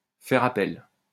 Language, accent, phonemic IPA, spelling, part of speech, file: French, France, /fɛʁ a.pɛl/, faire appel, verb, LL-Q150 (fra)-faire appel.wav
- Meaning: 1. to appeal 2. to call on, to call upon, to call in; to appeal to, to make an appeal to; to use, to make use of